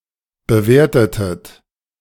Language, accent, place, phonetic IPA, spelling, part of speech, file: German, Germany, Berlin, [bəˈveːɐ̯tətət], bewertetet, verb, De-bewertetet.ogg
- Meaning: inflection of bewerten: 1. second-person plural preterite 2. second-person plural subjunctive II